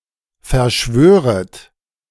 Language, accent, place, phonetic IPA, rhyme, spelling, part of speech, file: German, Germany, Berlin, [fɛɐ̯ˈʃvøːʁət], -øːʁət, verschwöret, verb, De-verschwöret.ogg
- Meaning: second-person plural subjunctive I of verschwören